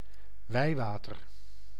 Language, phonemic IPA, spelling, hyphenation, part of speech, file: Dutch, /ˈʋɛi̯ˌʋaː.tər/, wijwater, wij‧wa‧ter, noun, Nl-wijwater.ogg
- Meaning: holy water